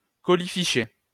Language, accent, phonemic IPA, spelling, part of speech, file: French, France, /kɔ.li.fi.ʃɛ/, colifichet, noun, LL-Q150 (fra)-colifichet.wav
- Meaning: trinket, knick-knack, bauble